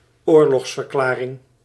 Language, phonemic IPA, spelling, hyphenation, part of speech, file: Dutch, /ˈoːr.lɔxs.vərˌklaː.rɪŋ/, oorlogsverklaring, oor‧logs‧ver‧kla‧ring, noun, Nl-oorlogsverklaring.ogg
- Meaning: declaration of war